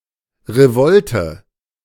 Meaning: revolt
- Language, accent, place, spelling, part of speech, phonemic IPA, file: German, Germany, Berlin, Revolte, noun, /ʁeˈvɔltə/, De-Revolte.ogg